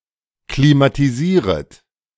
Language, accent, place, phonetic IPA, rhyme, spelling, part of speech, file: German, Germany, Berlin, [klimatiˈziːʁət], -iːʁət, klimatisieret, verb, De-klimatisieret.ogg
- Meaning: second-person plural subjunctive I of klimatisieren